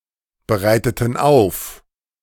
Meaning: inflection of aufbereiten: 1. first/third-person plural preterite 2. first/third-person plural subjunctive II
- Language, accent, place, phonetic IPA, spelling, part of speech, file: German, Germany, Berlin, [bəˌʁaɪ̯tətn̩ ˈaʊ̯f], bereiteten auf, verb, De-bereiteten auf.ogg